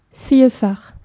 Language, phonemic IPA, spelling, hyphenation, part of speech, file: German, /ˈfiːlfax/, vielfach, viel‧fach, adjective, De-vielfach.ogg
- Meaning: multiple, manifold